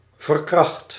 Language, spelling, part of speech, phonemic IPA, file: Dutch, verkracht, verb, /vər.ˈkrɑxt/, Nl-verkracht.ogg
- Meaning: 1. inflection of verkrachten: first/second/third-person singular present indicative 2. inflection of verkrachten: imperative 3. past participle of verkrachten